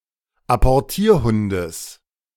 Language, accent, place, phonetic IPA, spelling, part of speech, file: German, Germany, Berlin, [apɔʁˈtiːɐ̯ˌhʊndəs], Apportierhundes, noun, De-Apportierhundes.ogg
- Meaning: genitive singular of Apportierhund